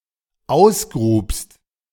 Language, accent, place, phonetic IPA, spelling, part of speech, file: German, Germany, Berlin, [ˈaʊ̯sˌɡʁuːpst], ausgrubst, verb, De-ausgrubst.ogg
- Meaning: second-person singular dependent preterite of ausgraben